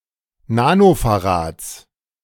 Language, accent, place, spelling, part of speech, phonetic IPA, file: German, Germany, Berlin, Nanofarads, noun, [ˈnaːnofaˌʁaːt͡s], De-Nanofarads.ogg
- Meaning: genitive singular of Nanofarad